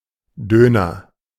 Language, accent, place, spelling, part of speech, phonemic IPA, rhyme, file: German, Germany, Berlin, Döner, noun, /ˈdøːnɐ/, -øːnɐ, De-Döner.ogg
- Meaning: ellipsis of Döner Kebab (“doner kebab”) (oriental dish including meat roasted on a revolving spit; a common snack in Germany, usually served in a sandwich with salad and sauce)